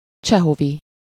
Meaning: Chekhovian (of or relating to Anton Pavlovich Chekhov (1860-1904) or his writings)
- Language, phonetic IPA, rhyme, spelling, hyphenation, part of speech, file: Hungarian, [ˈt͡ʃɛɦovi], -vi, csehovi, cse‧ho‧vi, adjective, Hu-csehovi.ogg